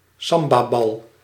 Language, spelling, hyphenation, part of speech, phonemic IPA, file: Dutch, sambabal, sam‧ba‧bal, noun, /ˈsɑm.baːˌbɑl/, Nl-sambabal.ogg
- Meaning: maraca